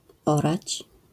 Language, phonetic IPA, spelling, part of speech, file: Polish, [ˈɔrat͡ɕ], orać, verb, LL-Q809 (pol)-orać.wav